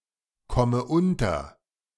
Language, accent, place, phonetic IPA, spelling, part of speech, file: German, Germany, Berlin, [ˌkɔmə ˈʊntɐ], komme unter, verb, De-komme unter.ogg
- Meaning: inflection of unterkommen: 1. first-person singular present 2. first/third-person singular subjunctive I 3. singular imperative